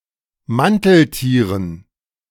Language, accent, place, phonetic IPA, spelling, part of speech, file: German, Germany, Berlin, [ˈmantl̩ˌtiːʁən], Manteltieren, noun, De-Manteltieren.ogg
- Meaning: dative plural of Manteltier